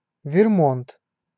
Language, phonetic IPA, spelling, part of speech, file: Russian, [vʲɪrˈmont], Вермонт, proper noun, Ru-Вермонт.ogg
- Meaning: Vermont (a state of the United States)